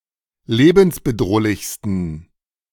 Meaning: 1. superlative degree of lebensbedrohlich 2. inflection of lebensbedrohlich: strong genitive masculine/neuter singular superlative degree
- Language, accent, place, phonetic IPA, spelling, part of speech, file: German, Germany, Berlin, [ˈleːbn̩sbəˌdʁoːlɪçstn̩], lebensbedrohlichsten, adjective, De-lebensbedrohlichsten.ogg